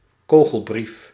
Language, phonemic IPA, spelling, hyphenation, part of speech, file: Dutch, /ˈkoː.ɣəlˌbrif/, kogelbrief, ko‧gel‧brief, noun, Nl-kogelbrief.ogg
- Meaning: a threatening letter containing a bullet